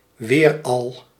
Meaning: (once) again
- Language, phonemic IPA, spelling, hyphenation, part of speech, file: Dutch, /ˈʋeːr.ɑl/, weeral, weer‧al, adverb, Nl-weeral.ogg